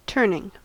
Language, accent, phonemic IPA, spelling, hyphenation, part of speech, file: English, US, /ˈtɝ.nɪŋ/, turning, turn‧ing, noun / verb, En-us-turning.ogg
- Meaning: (noun) A turn or deviation from a straight course